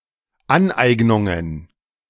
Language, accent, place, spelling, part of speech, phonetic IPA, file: German, Germany, Berlin, Aneignungen, noun, [ˈanˌʔaɪ̯ɡnʊŋən], De-Aneignungen.ogg
- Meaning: plural of Aneignung